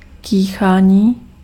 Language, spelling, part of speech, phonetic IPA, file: Czech, kýchání, noun, [ˈkiːxaːɲiː], Cs-kýchání.ogg
- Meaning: 1. verbal noun of kýchat 2. sneezing